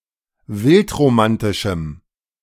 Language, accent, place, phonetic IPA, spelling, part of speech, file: German, Germany, Berlin, [ˈvɪltʁoˌmantɪʃm̩], wildromantischem, adjective, De-wildromantischem.ogg
- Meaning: strong dative masculine/neuter singular of wildromantisch